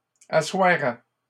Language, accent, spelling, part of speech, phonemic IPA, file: French, Canada, assoirait, verb, /a.swa.ʁɛ/, LL-Q150 (fra)-assoirait.wav
- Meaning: third-person singular conditional of asseoir